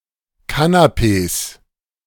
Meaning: 1. plural of Kanapee 2. genitive singular of Kanapee
- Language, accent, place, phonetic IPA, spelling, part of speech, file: German, Germany, Berlin, [ˈkanapeːs], Kanapees, noun, De-Kanapees.ogg